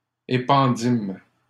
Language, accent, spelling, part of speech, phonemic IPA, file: French, Canada, épandîmes, verb, /e.pɑ̃.dim/, LL-Q150 (fra)-épandîmes.wav
- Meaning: first-person plural past historic of épandre